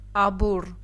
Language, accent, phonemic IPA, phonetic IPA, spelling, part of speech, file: Armenian, Eastern Armenian, /ɑˈbur/, [ɑbúr], աբուռ, noun, Hy-աբուռ.ogg
- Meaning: shame, embarrassment